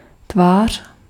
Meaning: 1. face 2. cheek
- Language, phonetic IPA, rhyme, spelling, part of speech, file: Czech, [ˈtvaːr̝̊], -aːr̝̊, tvář, noun, Cs-tvář.ogg